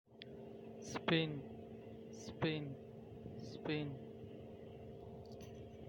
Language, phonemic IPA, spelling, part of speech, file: Pashto, /spin/, سپين, adjective, Speen.ogg
- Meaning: white